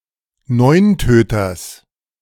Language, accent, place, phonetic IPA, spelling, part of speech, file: German, Germany, Berlin, [ˈnɔɪ̯nˌtøːtɐs], Neuntöters, noun, De-Neuntöters.ogg
- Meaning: genitive singular of Neuntöter